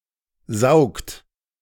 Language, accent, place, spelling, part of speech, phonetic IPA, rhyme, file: German, Germany, Berlin, saugt, verb, [zaʊ̯kt], -aʊ̯kt, De-saugt.ogg
- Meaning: inflection of saugen: 1. second-person plural present 2. third-person singular present 3. plural imperative